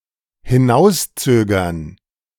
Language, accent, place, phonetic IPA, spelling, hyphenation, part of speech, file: German, Germany, Berlin, [hɪˈnaʊ̯sˌt͡søːɡɐn], hinauszögern, hi‧n‧aus‧zö‧gern, verb, De-hinauszögern.ogg
- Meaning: to delay